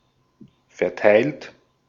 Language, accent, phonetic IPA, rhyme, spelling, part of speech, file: German, Austria, [fɛɐ̯ˈtaɪ̯lt], -aɪ̯lt, verteilt, verb, De-at-verteilt.ogg
- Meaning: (verb) past participle of verteilen; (adjective) 1. distributed 2. allocated; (verb) inflection of verteilen: 1. third-person singular present 2. second-person plural present 3. plural imperative